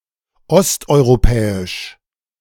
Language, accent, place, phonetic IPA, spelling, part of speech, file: German, Germany, Berlin, [ˈɔstʔɔɪ̯ʁoˌpɛːɪʃ], osteuropäisch, adjective, De-osteuropäisch.ogg
- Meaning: Eastern European